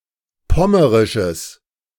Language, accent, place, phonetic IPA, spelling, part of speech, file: German, Germany, Berlin, [ˈpɔməʁɪʃəs], pommerisches, adjective, De-pommerisches.ogg
- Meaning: strong/mixed nominative/accusative neuter singular of pommerisch